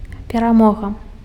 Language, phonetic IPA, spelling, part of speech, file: Belarusian, [pʲeraˈmoɣa], перамога, noun, Be-перамога.ogg
- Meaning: victory